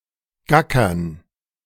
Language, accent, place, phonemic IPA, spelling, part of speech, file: German, Germany, Berlin, /ˈɡakɐn/, gackern, verb, De-gackern.ogg
- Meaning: to cackle (to give the loud repetitive cry of a chicken; to laugh in a way reminiscent of this)